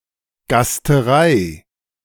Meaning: banquet, feast, where many guests come to be served food
- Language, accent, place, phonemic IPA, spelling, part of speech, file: German, Germany, Berlin, /ɡastəˈraɪ̯/, Gasterei, noun, De-Gasterei.ogg